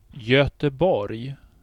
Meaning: Gothenburg (a city in Sweden)
- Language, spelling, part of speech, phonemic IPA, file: Swedish, Göteborg, proper noun, /jœtɛˈbɔrj/, Sv-Göteborg.ogg